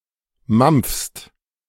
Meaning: second-person singular present of mampfen
- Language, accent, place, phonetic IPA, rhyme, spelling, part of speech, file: German, Germany, Berlin, [mamp͡fst], -amp͡fst, mampfst, verb, De-mampfst.ogg